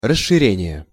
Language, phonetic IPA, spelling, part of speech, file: Russian, [rəʂːɨˈrʲenʲɪje], расширение, noun, Ru-расширение.ogg
- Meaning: 1. widening, expansion (act of widening) 2. extension